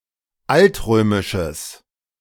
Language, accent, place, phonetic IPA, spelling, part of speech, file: German, Germany, Berlin, [ˈaltˌʁøːmɪʃəs], altrömisches, adjective, De-altrömisches.ogg
- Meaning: strong/mixed nominative/accusative neuter singular of altrömisch